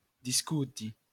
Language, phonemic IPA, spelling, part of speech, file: Esperanto, /disˈkuti/, diskuti, verb, LL-Q143 (epo)-diskuti.wav